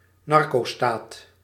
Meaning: narcostate
- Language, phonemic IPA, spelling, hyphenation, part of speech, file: Dutch, /ˈnɑr.koːˌstaːt/, narcostaat, nar‧co‧staat, noun, Nl-narcostaat.ogg